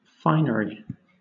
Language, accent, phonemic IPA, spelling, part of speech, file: English, Southern England, /ˈfaɪnəɹi/, finery, noun, LL-Q1860 (eng)-finery.wav
- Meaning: 1. Fineness; beauty 2. Ornament; decoration; especially, excessive decoration; showy clothes; jewels 3. fine point; minute characteristic